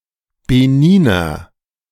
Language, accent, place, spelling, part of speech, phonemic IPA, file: German, Germany, Berlin, Beniner, noun, /beˈniːnɐ/, De-Beniner.ogg
- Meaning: Beninese (person)